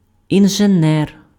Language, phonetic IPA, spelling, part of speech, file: Ukrainian, [inʒeˈnɛr], інженер, noun, Uk-інженер.ogg
- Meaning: engineer